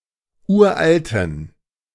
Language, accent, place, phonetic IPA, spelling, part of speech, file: German, Germany, Berlin, [ˈuːɐ̯ʔaltn̩], uralten, adjective, De-uralten.ogg
- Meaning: inflection of uralt: 1. strong genitive masculine/neuter singular 2. weak/mixed genitive/dative all-gender singular 3. strong/weak/mixed accusative masculine singular 4. strong dative plural